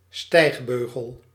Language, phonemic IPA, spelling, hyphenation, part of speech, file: Dutch, /ˈstɛi̯xˌbøː.ɣəl/, stijgbeugel, stijg‧beu‧gel, noun, Nl-stijgbeugel.ogg
- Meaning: stirrup